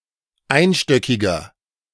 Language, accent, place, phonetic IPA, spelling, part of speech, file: German, Germany, Berlin, [ˈaɪ̯nˌʃtœkɪɡɐ], einstöckiger, adjective, De-einstöckiger.ogg
- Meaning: inflection of einstöckig: 1. strong/mixed nominative masculine singular 2. strong genitive/dative feminine singular 3. strong genitive plural